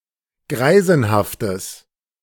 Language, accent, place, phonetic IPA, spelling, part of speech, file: German, Germany, Berlin, [ˈɡʁaɪ̯zn̩haftəs], greisenhaftes, adjective, De-greisenhaftes.ogg
- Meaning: strong/mixed nominative/accusative neuter singular of greisenhaft